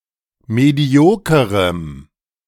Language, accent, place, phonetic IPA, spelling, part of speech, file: German, Germany, Berlin, [ˌmeˈdi̯oːkəʁəm], mediokerem, adjective, De-mediokerem.ogg
- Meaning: strong dative masculine/neuter singular of medioker